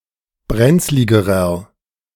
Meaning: inflection of brenzlig: 1. strong/mixed nominative masculine singular comparative degree 2. strong genitive/dative feminine singular comparative degree 3. strong genitive plural comparative degree
- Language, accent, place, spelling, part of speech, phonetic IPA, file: German, Germany, Berlin, brenzligerer, adjective, [ˈbʁɛnt͡slɪɡəʁɐ], De-brenzligerer.ogg